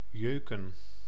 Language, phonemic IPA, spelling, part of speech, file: Dutch, /ˈjøkə(n)/, jeuken, verb, Nl-jeuken.ogg
- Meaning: to itch